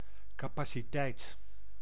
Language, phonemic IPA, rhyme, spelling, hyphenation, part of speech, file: Dutch, /ˌkaː.paː.siˈtɛi̯t/, -ɛi̯t, capaciteit, ca‧pa‧ci‧teit, noun, Nl-capaciteit.ogg
- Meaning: capacity